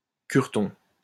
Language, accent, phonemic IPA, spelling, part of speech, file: French, France, /kyʁ.tɔ̃/, cureton, noun, LL-Q150 (fra)-cureton.wav
- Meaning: priest